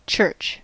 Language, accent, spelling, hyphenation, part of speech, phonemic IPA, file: English, US, church, church, noun / verb / interjection, /t͡ʃɝt͡ʃ/, En-us-church.ogg
- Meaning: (noun) 1. A Christian house of worship; a building where Christian religious services take place 2. Christians collectively seen as a single spiritual community; Christianity; Christendom